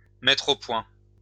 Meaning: 1. to develop, to work out, to set up, to establish, to set on foot 2. to focus (a camera)
- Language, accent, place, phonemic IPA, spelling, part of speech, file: French, France, Lyon, /mɛtʁ o pwɛ̃/, mettre au point, verb, LL-Q150 (fra)-mettre au point.wav